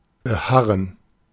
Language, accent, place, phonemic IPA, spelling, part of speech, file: German, Germany, Berlin, /bəˈhaʁən/, beharren, verb, De-beharren.ogg
- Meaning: 1. to insist 2. to persevere, to persist 3. to persist, to remain